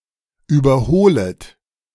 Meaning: second-person plural subjunctive I of überholen
- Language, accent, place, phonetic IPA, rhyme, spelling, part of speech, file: German, Germany, Berlin, [ˌyːbɐˈhoːlət], -oːlət, überholet, verb, De-überholet.ogg